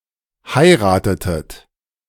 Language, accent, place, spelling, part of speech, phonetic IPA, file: German, Germany, Berlin, heiratetet, verb, [ˈhaɪ̯ʁaːtətət], De-heiratetet.ogg
- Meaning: inflection of heiraten: 1. second-person plural preterite 2. second-person plural subjunctive II